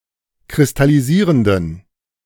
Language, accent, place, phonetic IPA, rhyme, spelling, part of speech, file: German, Germany, Berlin, [kʁɪstaliˈziːʁəndn̩], -iːʁəndn̩, kristallisierenden, adjective, De-kristallisierenden.ogg
- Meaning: inflection of kristallisierend: 1. strong genitive masculine/neuter singular 2. weak/mixed genitive/dative all-gender singular 3. strong/weak/mixed accusative masculine singular